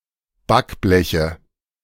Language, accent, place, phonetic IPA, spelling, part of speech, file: German, Germany, Berlin, [ˈbakˌblɛçə], Backbleche, noun, De-Backbleche.ogg
- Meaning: nominative/accusative/genitive plural of Backblech